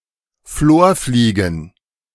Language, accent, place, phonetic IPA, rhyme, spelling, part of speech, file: German, Germany, Berlin, [ˈfloːɐ̯ˌfliːɡn̩], -oːɐ̯fliːɡn̩, Florfliegen, noun, De-Florfliegen.ogg
- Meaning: plural of Florfliege